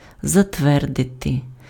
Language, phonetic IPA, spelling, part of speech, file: Ukrainian, [zɐtˈʋɛrdete], затвердити, verb, Uk-затвердити.ogg
- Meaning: 1. to approve, to sanction, to approbate 2. to ratify